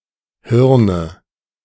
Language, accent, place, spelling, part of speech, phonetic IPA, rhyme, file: German, Germany, Berlin, Hirne, noun, [ˈhɪʁnə], -ɪʁnə, De-Hirne.ogg
- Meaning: inflection of Hirn: 1. dative singular 2. nominative/accusative/genitive plural